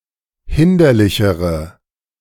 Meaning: inflection of hinderlich: 1. strong/mixed nominative/accusative feminine singular comparative degree 2. strong nominative/accusative plural comparative degree
- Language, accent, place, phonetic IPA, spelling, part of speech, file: German, Germany, Berlin, [ˈhɪndɐlɪçəʁə], hinderlichere, adjective, De-hinderlichere.ogg